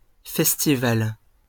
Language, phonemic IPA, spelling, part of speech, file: French, /fɛs.ti.val/, festival, noun, LL-Q150 (fra)-festival.wav
- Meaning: festival